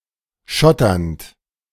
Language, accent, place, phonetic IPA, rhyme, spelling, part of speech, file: German, Germany, Berlin, [ˈʃɔtɐnt], -ɔtɐnt, schotternd, verb, De-schotternd.ogg
- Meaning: present participle of schottern